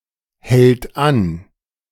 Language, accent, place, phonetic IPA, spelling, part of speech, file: German, Germany, Berlin, [hɛlt ˈan], hält an, verb, De-hält an.ogg
- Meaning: third-person singular present of anhalten